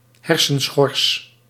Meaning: cerebral cortex
- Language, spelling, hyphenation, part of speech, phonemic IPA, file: Dutch, hersenschors, her‧sen‧schors, noun, /ˈɦɛr.sə(n)ˌsxɔrs/, Nl-hersenschors.ogg